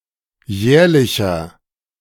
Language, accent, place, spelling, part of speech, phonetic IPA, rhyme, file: German, Germany, Berlin, jährlicher, adjective, [ˈjɛːɐ̯lɪçɐ], -ɛːɐ̯lɪçɐ, De-jährlicher.ogg
- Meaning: inflection of jährlich: 1. strong/mixed nominative masculine singular 2. strong genitive/dative feminine singular 3. strong genitive plural